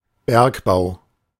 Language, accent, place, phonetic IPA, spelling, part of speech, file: German, Germany, Berlin, [ˈbɛʁkˌbaʊ̯], Bergbau, noun, De-Bergbau.ogg
- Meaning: 1. mining 2. mining industry